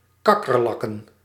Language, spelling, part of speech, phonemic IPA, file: Dutch, kakkerlakken, noun, /ˈkɑkərˌlɑkə(n)/, Nl-kakkerlakken.ogg
- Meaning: plural of kakkerlak